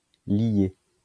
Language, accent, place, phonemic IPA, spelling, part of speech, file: French, France, Lyon, /lje/, lié, verb, LL-Q150 (fra)-lié.wav
- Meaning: past participle of lier